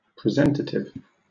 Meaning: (adjective) 1. Presenting, or able to represent, an idea in the mind 2. Of a benefice, or the advowsons, tithes, etc., associated with a benefice: that a patron has the right to present
- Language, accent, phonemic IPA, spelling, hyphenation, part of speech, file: English, Southern England, /pɹɪˈzɛntətɪv/, presentative, pre‧sent‧at‧ive, adjective / noun, LL-Q1860 (eng)-presentative.wav